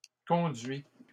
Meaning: inflection of conduire: 1. first/second-person singular present indicative 2. second-person singular imperative
- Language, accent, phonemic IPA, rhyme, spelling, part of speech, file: French, Canada, /kɔ̃.dɥi/, -ɥi, conduis, verb, LL-Q150 (fra)-conduis.wav